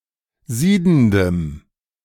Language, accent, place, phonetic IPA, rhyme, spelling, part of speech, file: German, Germany, Berlin, [ˈziːdn̩dəm], -iːdn̩dəm, siedendem, adjective, De-siedendem.ogg
- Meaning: strong dative masculine/neuter singular of siedend